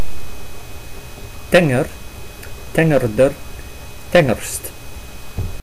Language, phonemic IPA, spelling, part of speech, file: Dutch, /tɛŋər/, tenger, adjective, Nl-tenger.ogg
- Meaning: slim